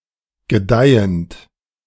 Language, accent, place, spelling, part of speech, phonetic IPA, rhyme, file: German, Germany, Berlin, gedeihend, verb, [ɡəˈdaɪ̯ənt], -aɪ̯ənt, De-gedeihend.ogg
- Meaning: present participle of gedeihen